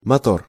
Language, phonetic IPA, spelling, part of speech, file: Russian, [mɐˈtor], мотор, noun / interjection, Ru-мотор.ogg
- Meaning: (noun) 1. motor, engine 2. taxi, motorcar 3. heart; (interjection) action!